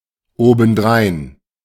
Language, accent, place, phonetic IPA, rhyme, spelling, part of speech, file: German, Germany, Berlin, [ˌoːbn̩ˈdʁaɪ̯n], -aɪ̯n, obendrein, adverb, De-obendrein.ogg
- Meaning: besides, additionally, also